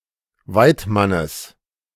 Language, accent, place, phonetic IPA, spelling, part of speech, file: German, Germany, Berlin, [ˈvaɪ̯tˌmanəs], Weidmannes, noun, De-Weidmannes.ogg
- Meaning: genitive singular of Weidmann